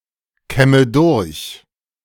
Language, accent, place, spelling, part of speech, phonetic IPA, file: German, Germany, Berlin, kämme durch, verb, [ˌkɛmə ˈdʊʁç], De-kämme durch.ogg
- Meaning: inflection of durchkämmen: 1. first-person singular present 2. first/third-person singular subjunctive I 3. singular imperative